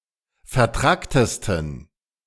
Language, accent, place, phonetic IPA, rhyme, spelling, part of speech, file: German, Germany, Berlin, [fɛɐ̯ˈtʁaktəstn̩], -aktəstn̩, vertracktesten, adjective, De-vertracktesten.ogg
- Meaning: 1. superlative degree of vertrackt 2. inflection of vertrackt: strong genitive masculine/neuter singular superlative degree